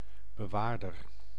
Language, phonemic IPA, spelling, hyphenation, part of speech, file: Dutch, /bəˈʋaːr.dər/, bewaarder, be‧waar‧der, noun, Nl-bewaarder.ogg
- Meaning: keeper, custodian, conservator